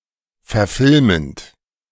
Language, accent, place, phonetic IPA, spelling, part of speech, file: German, Germany, Berlin, [fɛɐ̯ˈfɪlmənt], verfilmend, verb, De-verfilmend.ogg
- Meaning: present participle of verfilmen